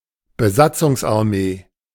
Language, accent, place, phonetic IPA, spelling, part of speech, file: German, Germany, Berlin, [bəˈzat͡sʊŋsʔaʁˌmeː], Besatzungsarmee, noun, De-Besatzungsarmee.ogg
- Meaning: occupying army (army that occupies a land)